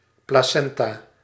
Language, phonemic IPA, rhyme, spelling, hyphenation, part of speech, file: Dutch, /ˌplaːˈsɛn.taː/, -ɛntaː, placenta, pla‧cen‧ta, noun, Nl-placenta.ogg
- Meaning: placenta